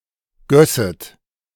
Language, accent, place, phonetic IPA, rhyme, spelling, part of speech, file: German, Germany, Berlin, [ˈɡœsət], -œsət, gösset, verb, De-gösset.ogg
- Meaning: second-person plural subjunctive II of gießen